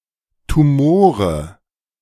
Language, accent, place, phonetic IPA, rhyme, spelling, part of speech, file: German, Germany, Berlin, [tuˈmoːʁə], -oːʁə, Tumore, noun, De-Tumore.ogg
- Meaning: nominative/accusative/genitive plural of Tumor